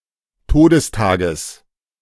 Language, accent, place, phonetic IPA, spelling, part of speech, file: German, Germany, Berlin, [ˈtoːdəsˌtaːɡəs], Todestages, noun, De-Todestages.ogg
- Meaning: genitive singular of Todestag